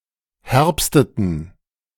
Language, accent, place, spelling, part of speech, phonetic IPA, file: German, Germany, Berlin, herbsteten, verb, [ˈhɛʁpstətn̩], De-herbsteten.ogg
- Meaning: inflection of herbsten: 1. first/third-person plural preterite 2. first/third-person plural subjunctive II